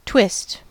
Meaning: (noun) 1. A twisting force 2. Anything twisted, or the act of twisting 3. The form given in twisting 4. The degree of stress or strain when twisted
- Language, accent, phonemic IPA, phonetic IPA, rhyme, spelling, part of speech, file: English, US, /twɪst/, [tw̥ɪst], -ɪst, twist, noun / verb, En-us-twist.ogg